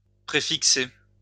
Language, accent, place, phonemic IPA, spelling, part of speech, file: French, France, Lyon, /pʁe.fik.se/, préfixer, verb, LL-Q150 (fra)-préfixer.wav
- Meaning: to prefix